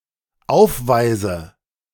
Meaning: inflection of aufweisen: 1. first-person singular dependent present 2. first/third-person singular dependent subjunctive I
- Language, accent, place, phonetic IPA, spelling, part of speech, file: German, Germany, Berlin, [ˈaʊ̯fˌvaɪ̯zə], aufweise, verb, De-aufweise.ogg